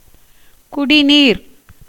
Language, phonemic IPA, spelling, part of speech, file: Tamil, /kʊɖɪniːɾ/, குடிநீர், noun, Ta-குடிநீர்.ogg
- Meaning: drinking water (water that is suitable or intended for ingestion by humans: potable water)